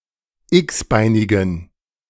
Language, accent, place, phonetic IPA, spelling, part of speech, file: German, Germany, Berlin, [ˈɪksˌbaɪ̯nɪɡn̩], x-beinigen, adjective, De-x-beinigen.ogg
- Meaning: inflection of x-beinig: 1. strong genitive masculine/neuter singular 2. weak/mixed genitive/dative all-gender singular 3. strong/weak/mixed accusative masculine singular 4. strong dative plural